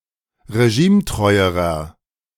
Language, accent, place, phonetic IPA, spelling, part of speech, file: German, Germany, Berlin, [ʁeˈʒiːmˌtʁɔɪ̯əʁɐ], regimetreuerer, adjective, De-regimetreuerer.ogg
- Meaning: inflection of regimetreu: 1. strong/mixed nominative masculine singular comparative degree 2. strong genitive/dative feminine singular comparative degree 3. strong genitive plural comparative degree